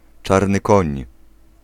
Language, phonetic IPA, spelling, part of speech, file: Polish, [ˈt͡ʃarnɨ ˈkɔ̃ɲ], czarny koń, noun, Pl-czarny koń.ogg